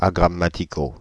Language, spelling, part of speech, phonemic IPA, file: French, agrammaticaux, adjective, /a.ɡʁa.ma.ti.ko/, Fr-agrammaticaux.ogg
- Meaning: masculine plural of agrammatical